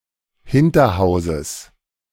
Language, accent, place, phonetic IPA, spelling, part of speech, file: German, Germany, Berlin, [ˈhɪntɐˌhaʊ̯zəs], Hinterhauses, noun, De-Hinterhauses.ogg
- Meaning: genitive of Hinterhaus